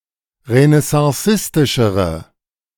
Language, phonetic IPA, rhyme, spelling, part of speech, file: German, [ʁənɛsɑ̃ˈsɪstɪʃəʁə], -ɪstɪʃəʁə, renaissancistischere, adjective, De-renaissancistischere.ogg